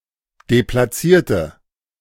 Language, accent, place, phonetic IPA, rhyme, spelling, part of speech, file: German, Germany, Berlin, [deplaˈt͡siːɐ̯tə], -iːɐ̯tə, deplatzierte, adjective, De-deplatzierte.ogg
- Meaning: inflection of deplatziert: 1. strong/mixed nominative/accusative feminine singular 2. strong nominative/accusative plural 3. weak nominative all-gender singular